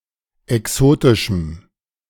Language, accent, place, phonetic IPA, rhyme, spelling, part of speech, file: German, Germany, Berlin, [ɛˈksoːtɪʃm̩], -oːtɪʃm̩, exotischem, adjective, De-exotischem.ogg
- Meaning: strong dative masculine/neuter singular of exotisch